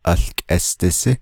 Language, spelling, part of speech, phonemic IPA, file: Navajo, ałkʼésdisí, noun, /ʔɑ̀ɬkʼɛ́stɪ̀sɪ́/, Nv-ałkʼésdisí.ogg
- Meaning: candy (generic term)